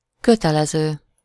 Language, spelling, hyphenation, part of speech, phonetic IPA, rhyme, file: Hungarian, kötelező, kö‧te‧le‧ző, verb / adjective / noun, [ˈkøtɛlɛzøː], -zøː, Hu-kötelező.ogg
- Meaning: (verb) present participle of kötelez; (adjective) compulsory, obligatory, mandatory; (noun) ellipsis of kötelező biztosítás (“compulsory insurance”, for car owners)